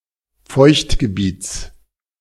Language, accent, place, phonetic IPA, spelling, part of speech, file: German, Germany, Berlin, [ˈfɔɪ̯çtɡəˌbiːt͡s], Feuchtgebiets, noun, De-Feuchtgebiets.ogg
- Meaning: genitive singular of Feuchtgebiet